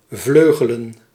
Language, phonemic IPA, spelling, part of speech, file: Dutch, /ˈvløɣələ(n)/, vleugelen, verb / noun, Nl-vleugelen.ogg
- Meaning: plural of vleugel